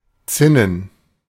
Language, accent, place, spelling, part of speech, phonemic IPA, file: German, Germany, Berlin, zinnen, adjective, /ˈtsɪnən/, De-zinnen.ogg
- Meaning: tin